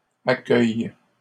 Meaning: third-person plural present indicative/subjunctive of accueillir
- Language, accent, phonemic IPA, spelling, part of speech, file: French, Canada, /a.kœj/, accueillent, verb, LL-Q150 (fra)-accueillent.wav